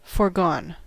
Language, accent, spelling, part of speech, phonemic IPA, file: English, US, foregone, verb / adjective, /ˈfɔɹɡɔn/, En-us-foregone.ogg
- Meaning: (verb) past participle of forego; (adjective) 1. previous, former 2. bygone 3. inevitable; settled